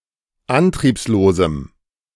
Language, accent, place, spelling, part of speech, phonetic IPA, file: German, Germany, Berlin, antriebslosem, adjective, [ˈantʁiːpsloːzm̩], De-antriebslosem.ogg
- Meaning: strong dative masculine/neuter singular of antriebslos